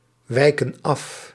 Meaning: inflection of afwijken: 1. plural present indicative 2. plural present subjunctive
- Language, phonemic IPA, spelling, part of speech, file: Dutch, /ˈwɛikə(n) ˈɑf/, wijken af, verb, Nl-wijken af.ogg